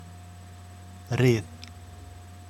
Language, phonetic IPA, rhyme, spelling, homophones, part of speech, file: Icelandic, [ˈrɪːð], -ɪːð, ryð, rið, noun, Is-ryð.oga
- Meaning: rust